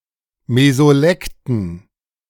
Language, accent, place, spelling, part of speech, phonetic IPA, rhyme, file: German, Germany, Berlin, Mesolekten, noun, [mezoˈlɛktn̩], -ɛktn̩, De-Mesolekten.ogg
- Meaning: dative plural of Mesolekt